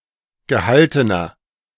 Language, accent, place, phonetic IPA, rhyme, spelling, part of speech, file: German, Germany, Berlin, [ɡəˈhaltənɐ], -altənɐ, gehaltener, adjective, De-gehaltener.ogg
- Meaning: inflection of gehalten: 1. strong/mixed nominative masculine singular 2. strong genitive/dative feminine singular 3. strong genitive plural